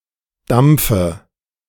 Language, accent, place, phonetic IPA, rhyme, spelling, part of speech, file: German, Germany, Berlin, [ˈdamp͡fə], -amp͡fə, Dampfe, noun, De-Dampfe.ogg
- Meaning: dative singular of Dampf